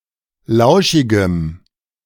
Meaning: strong dative masculine/neuter singular of lauschig
- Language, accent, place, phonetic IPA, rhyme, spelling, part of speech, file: German, Germany, Berlin, [ˈlaʊ̯ʃɪɡəm], -aʊ̯ʃɪɡəm, lauschigem, adjective, De-lauschigem.ogg